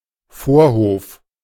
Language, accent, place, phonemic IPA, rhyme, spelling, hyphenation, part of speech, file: German, Germany, Berlin, /ˈfoːɐ̯ˌhoːf/, -oːf, Vorhof, Vor‧hof, noun, De-Vorhof.ogg
- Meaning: 1. forecourt 2. atrium